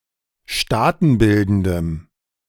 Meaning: strong dative masculine/neuter singular of staatenbildend
- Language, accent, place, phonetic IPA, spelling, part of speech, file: German, Germany, Berlin, [ˈʃtaːtn̩ˌbɪldn̩dəm], staatenbildendem, adjective, De-staatenbildendem.ogg